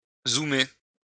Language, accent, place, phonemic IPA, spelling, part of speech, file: French, France, Lyon, /zu.me/, zoomer, verb, LL-Q150 (fra)-zoomer.wav
- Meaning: to zoom, to zoom in